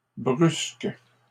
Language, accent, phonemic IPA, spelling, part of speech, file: French, Canada, /bʁysk/, brusques, adjective / verb, LL-Q150 (fra)-brusques.wav
- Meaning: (adjective) plural of brusque; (verb) second-person singular present indicative/subjunctive of brusquer